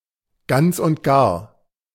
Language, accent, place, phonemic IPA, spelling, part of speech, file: German, Germany, Berlin, /ˈɡant͡s ʊnt ˈɡaːɐ̯/, ganz und gar, phrase, De-ganz und gar.ogg
- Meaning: completely, utterly